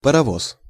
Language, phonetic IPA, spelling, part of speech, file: Russian, [pərɐˈvos], паровоз, noun, Ru-паровоз.ogg
- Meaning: 1. steam locomotive 2. any locomotive